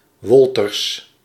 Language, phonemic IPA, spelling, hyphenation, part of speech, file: Dutch, /ˈʋɔl.tərs/, Wolters, Wol‧ters, proper noun, Nl-Wolters.ogg
- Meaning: a surname